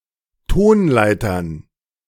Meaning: plural of Tonleiter
- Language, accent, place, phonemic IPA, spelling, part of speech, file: German, Germany, Berlin, /ˈtoːnˌlaɪ̯tɐn/, Tonleitern, noun, De-Tonleitern.ogg